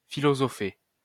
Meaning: to philosophize
- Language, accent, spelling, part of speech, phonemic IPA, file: French, France, philosopher, verb, /fi.lɔ.zɔ.fe/, LL-Q150 (fra)-philosopher.wav